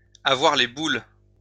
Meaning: 1. to have the jitters, to have the willies, to have the heebie-jeebies (to be scared) 2. to be pissed off, to be cheesed off
- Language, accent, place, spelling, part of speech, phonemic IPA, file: French, France, Lyon, avoir les boules, verb, /a.vwaʁ le bul/, LL-Q150 (fra)-avoir les boules.wav